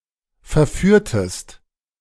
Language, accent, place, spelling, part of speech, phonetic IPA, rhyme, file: German, Germany, Berlin, verführtest, verb, [fɛɐ̯ˈfyːɐ̯təst], -yːɐ̯təst, De-verführtest.ogg
- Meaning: inflection of verführen: 1. second-person singular preterite 2. second-person singular subjunctive II